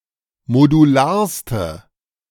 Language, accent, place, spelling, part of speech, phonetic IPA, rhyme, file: German, Germany, Berlin, modularste, adjective, [moduˈlaːɐ̯stə], -aːɐ̯stə, De-modularste.ogg
- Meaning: inflection of modular: 1. strong/mixed nominative/accusative feminine singular superlative degree 2. strong nominative/accusative plural superlative degree